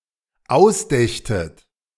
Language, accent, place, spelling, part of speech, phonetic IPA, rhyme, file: German, Germany, Berlin, ausdächtet, verb, [ˈaʊ̯sˌdɛçtət], -aʊ̯sdɛçtət, De-ausdächtet.ogg
- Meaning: second-person plural dependent subjunctive II of ausdenken